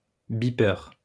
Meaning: beeper (device that beeps)
- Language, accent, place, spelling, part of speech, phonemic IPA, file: French, France, Lyon, bipeur, noun, /bi.pœʁ/, LL-Q150 (fra)-bipeur.wav